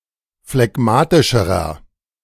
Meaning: inflection of phlegmatisch: 1. strong/mixed nominative masculine singular comparative degree 2. strong genitive/dative feminine singular comparative degree 3. strong genitive plural comparative degree
- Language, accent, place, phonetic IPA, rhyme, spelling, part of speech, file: German, Germany, Berlin, [flɛˈɡmaːtɪʃəʁɐ], -aːtɪʃəʁɐ, phlegmatischerer, adjective, De-phlegmatischerer.ogg